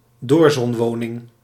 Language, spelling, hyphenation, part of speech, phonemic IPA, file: Dutch, doorzonwoning, door‧zon‧wo‧ning, noun, /ˈdoːr.zɔnˌʋoː.nɪŋ/, Nl-doorzonwoning.ogg
- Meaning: a residence with a large living room that stretches from front to back, with large windows on both ends; being a type of housing that became common in the Netherlands after the Second World War